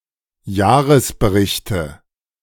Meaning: nominative/accusative/genitive plural of Jahresbericht
- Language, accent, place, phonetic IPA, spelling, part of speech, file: German, Germany, Berlin, [ˈjaːʁəsbəˌʁɪçtə], Jahresberichte, noun, De-Jahresberichte.ogg